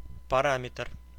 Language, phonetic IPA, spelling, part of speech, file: Russian, [pɐˈramʲɪtr], параметр, noun, Ru-параметр.ogg
- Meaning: parameter (various senses)